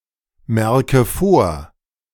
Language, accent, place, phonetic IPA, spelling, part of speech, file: German, Germany, Berlin, [ˌmɛʁkə ˈfoːɐ̯], merke vor, verb, De-merke vor.ogg
- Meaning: inflection of vormerken: 1. first-person singular present 2. first/third-person singular subjunctive I 3. singular imperative